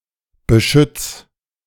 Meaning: 1. singular imperative of beschützen 2. first-person singular present of beschützen
- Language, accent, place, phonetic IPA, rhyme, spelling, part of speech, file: German, Germany, Berlin, [bəˈʃʏt͡s], -ʏt͡s, beschütz, verb, De-beschütz.ogg